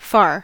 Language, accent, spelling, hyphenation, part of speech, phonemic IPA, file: English, US, far, far, adjective / adverb / verb / noun, /fɑɹ/, En-us-far.ogg
- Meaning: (adjective) 1. Distant; remote in space 2. Remote in time 3. Long 4. More remote of two 5. Extreme, as measured from some central or neutral position 6. Extreme, as a difference in nature or quality